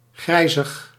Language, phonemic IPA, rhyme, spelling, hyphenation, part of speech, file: Dutch, /ˈɣrɛi̯.zəx/, -ɛi̯zəx, grijzig, grij‧zig, adjective, Nl-grijzig.ogg
- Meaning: greyish, of a colour or shade which resembles or hinges on grey and/or contains some grey